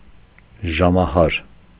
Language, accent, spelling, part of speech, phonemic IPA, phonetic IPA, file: Armenian, Eastern Armenian, ժամահար, noun, /ʒɑmɑˈhɑɾ/, [ʒɑmɑhɑ́ɾ], Hy-ժամահար.ogg
- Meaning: alternative form of ժամհար (žamhar)